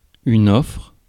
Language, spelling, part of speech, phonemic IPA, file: French, offre, noun / verb, /ɔfʁ/, Fr-offre.ogg
- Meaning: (noun) 1. offer 2. bid 3. supply; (verb) inflection of offrir: 1. first/third-person singular indicative/subjunctive present 2. second-person singular imperative